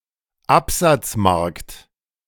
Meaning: sales market
- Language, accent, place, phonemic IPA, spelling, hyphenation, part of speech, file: German, Germany, Berlin, /ˈapzat͡sˌmaʁkt/, Absatzmarkt, Ab‧satz‧markt, noun, De-Absatzmarkt.ogg